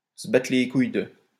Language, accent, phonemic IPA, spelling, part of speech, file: French, France, /sə ba.tʁə le kuj də/, se battre les couilles de, verb, LL-Q150 (fra)-se battre les couilles de.wav
- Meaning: to not give a fuck about (something or someone)